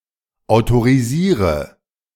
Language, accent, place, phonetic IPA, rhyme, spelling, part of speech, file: German, Germany, Berlin, [aʊ̯toʁiˈziːʁə], -iːʁə, autorisiere, verb, De-autorisiere.ogg
- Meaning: inflection of autorisieren: 1. first-person singular present 2. singular imperative 3. first/third-person singular subjunctive I